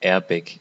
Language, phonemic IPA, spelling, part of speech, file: German, /ˈɛːʁbɛk/, Airbag, noun, De-Airbag.ogg
- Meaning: airbag